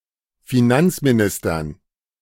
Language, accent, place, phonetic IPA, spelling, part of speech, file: German, Germany, Berlin, [fiˈnant͡smiˌnɪstɐn], Finanzministern, noun, De-Finanzministern.ogg
- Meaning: dative plural of Finanzminister